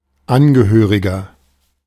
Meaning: 1. relative, next of kin, relation (male or unspecified) 2. member (of an organization), national (of a country) (male or unspecified) 3. inflection of Angehörige: strong genitive/dative singular
- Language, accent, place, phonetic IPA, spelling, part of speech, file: German, Germany, Berlin, [ˈanɡəˌhøːʁɪɡɐ], Angehöriger, noun, De-Angehöriger.ogg